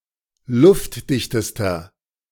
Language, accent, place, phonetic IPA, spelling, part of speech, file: German, Germany, Berlin, [ˈlʊftˌdɪçtəstɐ], luftdichtester, adjective, De-luftdichtester.ogg
- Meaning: inflection of luftdicht: 1. strong/mixed nominative masculine singular superlative degree 2. strong genitive/dative feminine singular superlative degree 3. strong genitive plural superlative degree